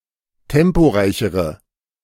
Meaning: inflection of temporeich: 1. strong/mixed nominative/accusative feminine singular comparative degree 2. strong nominative/accusative plural comparative degree
- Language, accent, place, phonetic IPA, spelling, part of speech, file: German, Germany, Berlin, [ˈtɛmpoˌʁaɪ̯çəʁə], temporeichere, adjective, De-temporeichere.ogg